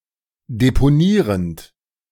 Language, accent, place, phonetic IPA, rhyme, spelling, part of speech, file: German, Germany, Berlin, [depoˈniːʁənt], -iːʁənt, deponierend, verb, De-deponierend.ogg
- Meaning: present participle of deponieren